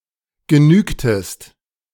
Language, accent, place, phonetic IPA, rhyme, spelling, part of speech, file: German, Germany, Berlin, [ɡəˈnyːktəst], -yːktəst, genügtest, verb, De-genügtest.ogg
- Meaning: inflection of genügen: 1. second-person singular preterite 2. second-person singular subjunctive II